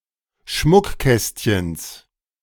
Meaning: genitive singular of Schmuckkästchen
- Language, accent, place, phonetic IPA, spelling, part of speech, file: German, Germany, Berlin, [ˈʃmʊkˌkɛstçəns], Schmuckkästchens, noun, De-Schmuckkästchens.ogg